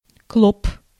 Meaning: 1. bedbug 2. bug 3. small child, person of short stature, squirt, shorty
- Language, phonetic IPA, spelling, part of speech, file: Russian, [kɫop], клоп, noun, Ru-клоп.ogg